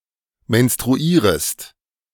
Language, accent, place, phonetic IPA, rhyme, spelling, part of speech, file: German, Germany, Berlin, [mɛnstʁuˈiːʁəst], -iːʁəst, menstruierest, verb, De-menstruierest.ogg
- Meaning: second-person singular subjunctive I of menstruieren